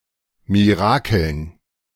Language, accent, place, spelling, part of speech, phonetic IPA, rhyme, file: German, Germany, Berlin, Mirakeln, noun, [miˈʁaːkl̩n], -aːkl̩n, De-Mirakeln.ogg
- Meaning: dative plural of Mirakel